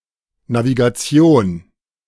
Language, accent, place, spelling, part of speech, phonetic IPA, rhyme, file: German, Germany, Berlin, Navigation, noun, [naviɡaˈt͡si̯oːn], -oːn, De-Navigation.ogg
- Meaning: navigation (theory and practice of charting a course for a ship, aircraft or spaceship)